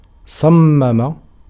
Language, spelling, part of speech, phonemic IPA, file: Arabic, صمم, verb / noun, /sˤam.ma.ma/, Ar-صمم.ogg
- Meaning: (verb) 1. to deafen (someone) 2. to resolve, to make up one's mind 3. to design, to configure, to devise, to contrive, to fix (something); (noun) deafness